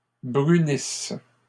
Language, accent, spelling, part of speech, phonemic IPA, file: French, Canada, brunisses, verb, /bʁy.nis/, LL-Q150 (fra)-brunisses.wav
- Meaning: second-person singular present/imperfect subjunctive of brunir